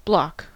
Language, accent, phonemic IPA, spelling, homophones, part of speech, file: English, US, /blɑk/, bloc, block, noun, En-us-bloc.ogg
- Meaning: 1. A group of voters or politicians who share common goals 2. A group of countries acting together for political or economic goals, an alliance